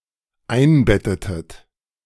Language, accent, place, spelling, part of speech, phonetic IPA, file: German, Germany, Berlin, einbettetet, verb, [ˈaɪ̯nˌbɛtətət], De-einbettetet.ogg
- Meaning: inflection of einbetten: 1. second-person plural dependent preterite 2. second-person plural dependent subjunctive II